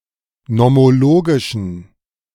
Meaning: inflection of nomologisch: 1. strong genitive masculine/neuter singular 2. weak/mixed genitive/dative all-gender singular 3. strong/weak/mixed accusative masculine singular 4. strong dative plural
- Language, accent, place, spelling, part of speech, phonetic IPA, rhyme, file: German, Germany, Berlin, nomologischen, adjective, [nɔmoˈloːɡɪʃn̩], -oːɡɪʃn̩, De-nomologischen.ogg